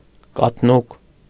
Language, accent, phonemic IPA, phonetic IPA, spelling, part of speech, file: Armenian, Eastern Armenian, /kɑtʰˈnuk/, [kɑtʰnúk], կաթնուկ, noun, Hy-կաթնուկ.ogg
- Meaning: lettuce, Lactuca